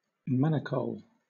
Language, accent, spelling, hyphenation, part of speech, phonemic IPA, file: English, Southern England, manicole, ma‧ni‧cole, noun, /ˈmænəkəʊl/, LL-Q1860 (eng)-manicole.wav
- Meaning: Any of the genus Euterpe of palm trees native to Central America, South America, and the West Indies; especially of species Euterpe oleracea (acai palm)